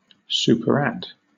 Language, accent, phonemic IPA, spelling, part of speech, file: English, Southern England, /ˌsuːpəɹˈæd/, superadd, verb, LL-Q1860 (eng)-superadd.wav
- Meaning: To add on top of a previous addition